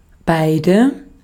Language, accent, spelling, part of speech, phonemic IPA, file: German, Austria, beide, determiner / pronoun, /ˈbaɪ̯də/, De-at-beide.ogg
- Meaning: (determiner) 1. both 2. two